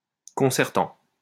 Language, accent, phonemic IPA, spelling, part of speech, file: French, France, /kɔ̃.sɛʁ.tɑ̃/, concertant, verb / adjective, LL-Q150 (fra)-concertant.wav
- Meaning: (verb) present participle of concerter; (adjective) characteristic of a concerto